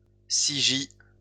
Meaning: here lies (a phrase written on gravestones followed by the buried person's name)
- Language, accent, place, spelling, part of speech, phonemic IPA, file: French, France, Lyon, ci-gît, phrase, /si.ʒi/, LL-Q150 (fra)-ci-gît.wav